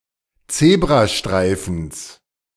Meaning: genitive singular of Zebrastreifen
- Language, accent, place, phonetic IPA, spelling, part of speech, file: German, Germany, Berlin, [ˈt͡seːbʁaˌʃtʁaɪ̯fn̩s], Zebrastreifens, noun, De-Zebrastreifens.ogg